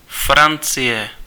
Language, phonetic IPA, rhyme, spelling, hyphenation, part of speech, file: Czech, [ˈfrant͡sɪjɛ], -ɪjɛ, Francie, Fran‧cie, proper noun, Cs-Francie.ogg
- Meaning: France (a country located primarily in Western Europe; official name: Francouzská republika)